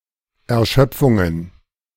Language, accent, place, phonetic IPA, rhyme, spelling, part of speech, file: German, Germany, Berlin, [ɛɐ̯ˈʃœp͡fʊŋən], -œp͡fʊŋən, Erschöpfungen, noun, De-Erschöpfungen.ogg
- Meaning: plural of Erschöpfung